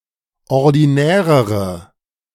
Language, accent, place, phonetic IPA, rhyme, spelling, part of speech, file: German, Germany, Berlin, [ɔʁdiˈnɛːʁəʁə], -ɛːʁəʁə, ordinärere, adjective, De-ordinärere.ogg
- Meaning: inflection of ordinär: 1. strong/mixed nominative/accusative feminine singular comparative degree 2. strong nominative/accusative plural comparative degree